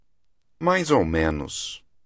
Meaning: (adverb) more or less; approximately; give or take; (adjective) so-so
- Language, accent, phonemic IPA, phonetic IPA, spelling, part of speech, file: Portuguese, Brazil, /ˈmajz o(w) ˈmẽ.nus/, [ˈmaɪ̯z o(ʊ̯) ˈmẽ.nus], mais ou menos, adverb / adjective, Pt mais ou menos.ogg